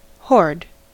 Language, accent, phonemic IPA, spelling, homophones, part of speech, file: English, US, /hɔɹd/, hoard, horde / whored, noun / verb, En-us-hoard.ogg
- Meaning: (noun) 1. A hidden supply or fund 2. A cache of valuable objects or artefacts; a trove; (verb) To amass, usually for one's own private collection